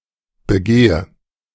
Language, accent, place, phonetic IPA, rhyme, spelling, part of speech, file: German, Germany, Berlin, [bəˈɡeːə], -eːə, begehe, verb, De-begehe.ogg
- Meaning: inflection of begehen: 1. first-person singular present 2. first/third-person singular subjunctive I 3. singular imperative